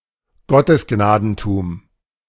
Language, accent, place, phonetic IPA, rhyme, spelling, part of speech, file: German, Germany, Berlin, [ˌɡɔtəsˈɡnaːdn̩tuːm], -aːdn̩tuːm, Gottesgnadentum, noun, De-Gottesgnadentum.ogg
- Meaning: divine right of kings